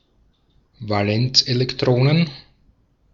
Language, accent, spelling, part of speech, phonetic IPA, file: German, Austria, Valenzelektronen, noun, [vaˈlɛnt͡sʔeːlɛkˌtʁoːnən], De-at-Valenzelektronen.ogg
- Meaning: plural of Valenzelektron